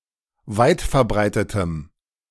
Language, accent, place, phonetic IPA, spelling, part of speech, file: German, Germany, Berlin, [ˈvaɪ̯tfɛɐ̯ˌbʁaɪ̯tətəm], weitverbreitetem, adjective, De-weitverbreitetem.ogg
- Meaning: strong dative masculine/neuter singular of weitverbreitet